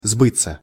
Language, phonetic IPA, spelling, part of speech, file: Russian, [ˈzbɨt͡sːə], сбыться, verb, Ru-сбыться.ogg
- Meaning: 1. to come true, to be fulfilled 2. passive of сбыть (sbytʹ)